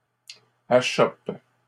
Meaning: second-person singular present indicative/subjunctive of achopper
- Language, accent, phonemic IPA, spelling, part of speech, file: French, Canada, /a.ʃɔp/, achoppes, verb, LL-Q150 (fra)-achoppes.wav